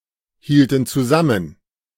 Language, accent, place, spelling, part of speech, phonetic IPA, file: German, Germany, Berlin, hielten zusammen, verb, [ˌhiːltn̩ t͡suˈzamən], De-hielten zusammen.ogg
- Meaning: inflection of zusammenhalten: 1. first/third-person plural preterite 2. first/third-person plural subjunctive II